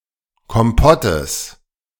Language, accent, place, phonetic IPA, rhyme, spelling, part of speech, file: German, Germany, Berlin, [kɔmˈpɔtəs], -ɔtəs, Kompottes, noun, De-Kompottes.ogg
- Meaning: genitive singular of Kompott